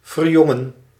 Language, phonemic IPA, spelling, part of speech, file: Dutch, /vərˈjɔ.ŋə(n)/, verjongen, verb, Nl-verjongen.ogg
- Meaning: 1. to become young, to rejuvenate 2. to make young, to rejuvenate